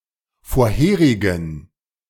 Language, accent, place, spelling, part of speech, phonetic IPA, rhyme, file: German, Germany, Berlin, vorherigen, adjective, [foːɐ̯ˈheːʁɪɡn̩], -eːʁɪɡn̩, De-vorherigen.ogg
- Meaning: inflection of vorherig: 1. strong genitive masculine/neuter singular 2. weak/mixed genitive/dative all-gender singular 3. strong/weak/mixed accusative masculine singular 4. strong dative plural